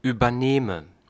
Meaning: inflection of übernehmen: 1. first-person singular present 2. first/third-person singular subjunctive I
- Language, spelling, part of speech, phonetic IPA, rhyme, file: German, übernehme, verb, [yːbɐˈneːmə], -eːmə, De-übernehme.ogg